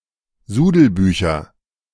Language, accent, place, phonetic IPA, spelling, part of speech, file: German, Germany, Berlin, [ˈzuːdl̩ˌbyːçɐ], Sudelbücher, noun, De-Sudelbücher.ogg
- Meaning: nominative/accusative/genitive plural of Sudelbuch